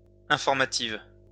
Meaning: feminine singular of informatif
- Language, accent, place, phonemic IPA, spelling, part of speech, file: French, France, Lyon, /ɛ̃.fɔʁ.ma.tiv/, informative, adjective, LL-Q150 (fra)-informative.wav